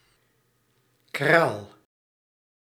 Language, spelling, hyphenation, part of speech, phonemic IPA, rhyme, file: Dutch, kraal, kraal, noun, /kraːl/, -aːl, Nl-kraal.ogg
- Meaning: 1. a bead (of a necklace or abacus) 2. several similarly spheric objects 3. obsolete form of koraal 4. a kraal, corral (enclosure for livestock)